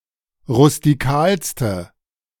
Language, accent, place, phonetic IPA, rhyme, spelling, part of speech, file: German, Germany, Berlin, [ʁʊstiˈkaːlstə], -aːlstə, rustikalste, adjective, De-rustikalste.ogg
- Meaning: inflection of rustikal: 1. strong/mixed nominative/accusative feminine singular superlative degree 2. strong nominative/accusative plural superlative degree